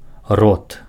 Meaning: mouth
- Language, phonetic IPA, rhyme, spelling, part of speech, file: Belarusian, [rot], -ot, рот, noun, Be-рот.ogg